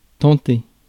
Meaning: 1. to attempt 2. to tempt 3. to be desirable or interesting to; to be something one feels like doing
- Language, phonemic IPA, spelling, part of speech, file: French, /tɑ̃.te/, tenter, verb, Fr-tenter.ogg